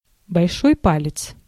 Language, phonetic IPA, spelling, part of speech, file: Russian, [bɐlʲˈʂoj ˈpalʲɪt͡s], большой палец, noun, Ru-большой палец.ogg
- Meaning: 1. thumb 2. big toe, hallux